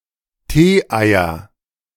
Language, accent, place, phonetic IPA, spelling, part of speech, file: German, Germany, Berlin, [ˈteːˌʔaɪ̯ɐ], Tee-Eier, noun, De-Tee-Eier.ogg
- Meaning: nominative/accusative/genitive plural of Tee-Ei